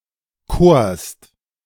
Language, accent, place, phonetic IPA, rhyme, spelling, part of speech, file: German, Germany, Berlin, [koːɐ̯st], -oːɐ̯st, korst, verb, De-korst.ogg
- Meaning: 1. second-person singular preterite of kiesen 2. second-person singular preterite of küren